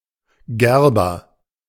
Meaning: tanner
- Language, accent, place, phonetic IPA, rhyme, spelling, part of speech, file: German, Germany, Berlin, [ˈɡɛʁbɐ], -ɛʁbɐ, Gerber, noun / proper noun, De-Gerber.ogg